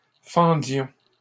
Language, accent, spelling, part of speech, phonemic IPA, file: French, Canada, fendions, verb, /fɑ̃.djɔ̃/, LL-Q150 (fra)-fendions.wav
- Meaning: inflection of fendre: 1. first-person plural imperfect indicative 2. first-person plural present subjunctive